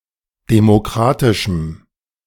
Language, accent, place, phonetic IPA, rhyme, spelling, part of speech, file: German, Germany, Berlin, [demoˈkʁaːtɪʃm̩], -aːtɪʃm̩, demokratischem, adjective, De-demokratischem.ogg
- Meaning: strong dative masculine/neuter singular of demokratisch